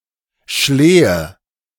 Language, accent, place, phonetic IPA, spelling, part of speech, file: German, Germany, Berlin, [ˈʃleːə], Schlehe, noun, De-Schlehe.ogg
- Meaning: sloe, blackthorn (fruit and tree)